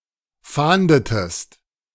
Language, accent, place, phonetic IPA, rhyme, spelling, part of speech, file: German, Germany, Berlin, [ˈfaːndətəst], -aːndətəst, fahndetest, verb, De-fahndetest.ogg
- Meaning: inflection of fahnden: 1. second-person singular preterite 2. second-person singular subjunctive II